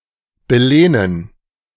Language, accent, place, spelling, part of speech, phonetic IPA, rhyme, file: German, Germany, Berlin, belehnen, verb, [bəˈleːnən], -eːnən, De-belehnen.ogg
- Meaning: 1. to enfeoff 2. to lend